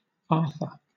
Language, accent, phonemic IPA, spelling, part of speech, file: English, Southern England, /ˈɑːθə/, Arthur, proper noun / noun, LL-Q1860 (eng)-Arthur.wav
- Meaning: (proper noun) 1. A male given name from the Celtic languages 2. A surname originating as a patronymic